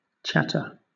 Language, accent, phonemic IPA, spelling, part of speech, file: English, Southern England, /ˈtʃætə/, chatter, noun / verb, LL-Q1860 (eng)-chatter.wav
- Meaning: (noun) 1. Talk, especially meaningless or unimportant talk 2. The sound of talking 3. The vocalisations of a Eurasian magpie, Pica pica 4. The vocalisations of various birds or other animals